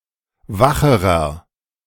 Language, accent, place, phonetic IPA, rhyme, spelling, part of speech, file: German, Germany, Berlin, [ˈvaxəʁɐ], -axəʁɐ, wacherer, adjective, De-wacherer.ogg
- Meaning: inflection of wach: 1. strong/mixed nominative masculine singular comparative degree 2. strong genitive/dative feminine singular comparative degree 3. strong genitive plural comparative degree